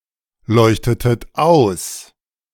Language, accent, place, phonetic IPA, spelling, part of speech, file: German, Germany, Berlin, [ˌlɔɪ̯çtətət ˈaʊ̯s], leuchtetet aus, verb, De-leuchtetet aus.ogg
- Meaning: inflection of ausleuchten: 1. second-person plural preterite 2. second-person plural subjunctive II